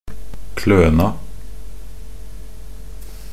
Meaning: definite feminine singular of kløne
- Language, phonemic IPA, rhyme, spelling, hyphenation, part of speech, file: Norwegian Bokmål, /ˈkløːna/, -øːna, kløna, klø‧na, noun, Nb-kløna.ogg